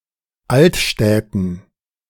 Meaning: dative plural of Altstadt
- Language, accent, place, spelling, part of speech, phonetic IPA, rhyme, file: German, Germany, Berlin, Altstädten, noun, [ˈaltˌʃtɛtn̩], -altʃtɛtn̩, De-Altstädten.ogg